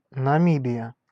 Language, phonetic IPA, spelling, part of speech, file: Russian, [nɐˈmʲibʲɪjə], Намибия, proper noun, Ru-Намибия.ogg
- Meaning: Namibia (a country in Southern Africa)